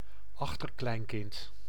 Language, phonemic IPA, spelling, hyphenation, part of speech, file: Dutch, /ˈɑx.tər.klɛi̯n.kɪnt/, achterkleinkind, ach‧ter‧klein‧kind, noun, Nl-achterkleinkind.ogg
- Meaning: great-grandchild